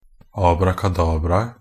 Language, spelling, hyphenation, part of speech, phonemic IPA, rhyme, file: Norwegian Bokmål, abrakadabraet, ab‧ra‧ka‧dab‧ra‧et, noun, /ɑːbrakaˈdɑːbraə/, -aə, NB - Pronunciation of Norwegian Bokmål «abrakadabraet».ogg
- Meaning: definite singular of abrakadabra